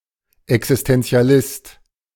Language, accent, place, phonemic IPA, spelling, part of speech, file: German, Germany, Berlin, /ɛksɪstɛnt͡si̯aˈlɪst/, Existentialist, noun, De-Existentialist.ogg
- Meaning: existentialist